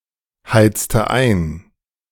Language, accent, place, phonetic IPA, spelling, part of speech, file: German, Germany, Berlin, [ˌhaɪ̯t͡stə ˈaɪ̯n], heizte ein, verb, De-heizte ein.ogg
- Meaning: inflection of einheizen: 1. first/third-person singular preterite 2. first/third-person singular subjunctive II